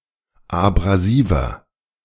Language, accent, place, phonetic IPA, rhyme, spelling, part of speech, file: German, Germany, Berlin, [abʁaˈziːvɐ], -iːvɐ, abrasiver, adjective, De-abrasiver.ogg
- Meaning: 1. comparative degree of abrasiv 2. inflection of abrasiv: strong/mixed nominative masculine singular 3. inflection of abrasiv: strong genitive/dative feminine singular